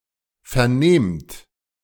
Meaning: inflection of vernehmen: 1. second-person plural present 2. plural imperative
- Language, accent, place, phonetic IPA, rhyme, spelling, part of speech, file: German, Germany, Berlin, [fɛɐ̯ˈneːmt], -eːmt, vernehmt, verb, De-vernehmt.ogg